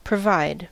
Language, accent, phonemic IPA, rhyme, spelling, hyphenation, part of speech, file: English, US, /pɹəˈvaɪd/, -aɪd, provide, pro‧vide, verb, En-us-provide.ogg
- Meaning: 1. To make a living; earn money for necessities 2. To act to prepare for something 3. To establish as a previous condition; to stipulate 4. To give what is needed or desired, especially basic needs